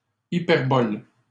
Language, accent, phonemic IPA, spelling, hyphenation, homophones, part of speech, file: French, Canada, /i.pɛʁ.bɔl/, hyperboles, hy‧per‧boles, hyperbole, noun, LL-Q150 (fra)-hyperboles.wav
- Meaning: plural of hyperbole